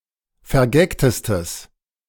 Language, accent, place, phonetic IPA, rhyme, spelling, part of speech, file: German, Germany, Berlin, [fɛɐ̯ˈɡɛktəstəs], -ɛktəstəs, vergagtestes, adjective, De-vergagtestes.ogg
- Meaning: strong/mixed nominative/accusative neuter singular superlative degree of vergagt